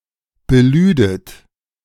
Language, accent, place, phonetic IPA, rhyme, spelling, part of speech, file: German, Germany, Berlin, [bəˈlyːdət], -yːdət, belüdet, verb, De-belüdet.ogg
- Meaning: second-person plural subjunctive II of beladen